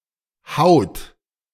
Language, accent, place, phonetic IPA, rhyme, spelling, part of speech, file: German, Germany, Berlin, [haʊ̯t], -aʊ̯t, haut, verb, De-haut.ogg
- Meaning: inflection of hauen: 1. second-person plural present 2. third-person singular present 3. plural imperative